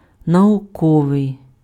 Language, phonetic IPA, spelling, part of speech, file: Ukrainian, [nɐʊˈkɔʋei̯], науковий, adjective, Uk-науковий.ogg
- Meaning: scientific